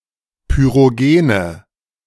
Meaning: inflection of pyrogen: 1. strong/mixed nominative/accusative feminine singular 2. strong nominative/accusative plural 3. weak nominative all-gender singular 4. weak accusative feminine/neuter singular
- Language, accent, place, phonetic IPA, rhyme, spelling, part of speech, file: German, Germany, Berlin, [pyʁoˈɡeːnə], -eːnə, pyrogene, adjective, De-pyrogene.ogg